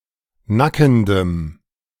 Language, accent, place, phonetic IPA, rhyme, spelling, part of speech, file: German, Germany, Berlin, [ˈnakn̩dəm], -akn̩dəm, nackendem, adjective, De-nackendem.ogg
- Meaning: strong dative masculine/neuter singular of nackend